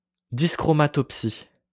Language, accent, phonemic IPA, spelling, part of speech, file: French, France, /dis.kʁɔ.ma.tɔp.si/, dyschromatopsie, noun, LL-Q150 (fra)-dyschromatopsie.wav
- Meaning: dyschromatopsia